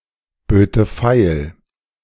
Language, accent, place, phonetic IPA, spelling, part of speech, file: German, Germany, Berlin, [ˌbøːtə ˈfaɪ̯l], böte feil, verb, De-böte feil.ogg
- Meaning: first/third-person singular subjunctive II of feilbieten